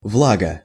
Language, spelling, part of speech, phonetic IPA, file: Russian, влага, noun, [ˈvɫaɡə], Ru-влага.ogg
- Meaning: moisture